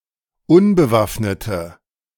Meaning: inflection of unbewaffnet: 1. strong/mixed nominative/accusative feminine singular 2. strong nominative/accusative plural 3. weak nominative all-gender singular
- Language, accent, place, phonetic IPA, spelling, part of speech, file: German, Germany, Berlin, [ˈʊnbəˌvafnətə], unbewaffnete, adjective, De-unbewaffnete.ogg